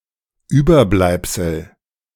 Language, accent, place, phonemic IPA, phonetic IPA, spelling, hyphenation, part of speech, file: German, Germany, Berlin, /ˈyːbərˌblaɪ̯psəl/, [ˈʔyː.bɐˌblaɪ̯p.sl̩], Überbleibsel, Über‧bleib‧sel, noun, De-Überbleibsel.ogg
- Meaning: remnant, relic, relict